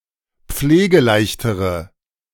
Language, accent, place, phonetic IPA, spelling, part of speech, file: German, Germany, Berlin, [ˈp͡fleːɡəˌlaɪ̯çtəʁə], pflegeleichtere, adjective, De-pflegeleichtere.ogg
- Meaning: inflection of pflegeleicht: 1. strong/mixed nominative/accusative feminine singular comparative degree 2. strong nominative/accusative plural comparative degree